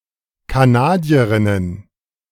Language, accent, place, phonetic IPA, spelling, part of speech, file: German, Germany, Berlin, [kaˈnaːdiəˌʁɪnən], Kanadierinnen, noun, De-Kanadierinnen.ogg
- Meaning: plural of Kanadierin